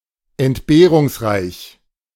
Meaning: deprived
- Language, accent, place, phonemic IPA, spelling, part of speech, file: German, Germany, Berlin, /ɛntˈbeːʀʊŋsˌʀaɪç/, entbehrungsreich, adjective, De-entbehrungsreich.ogg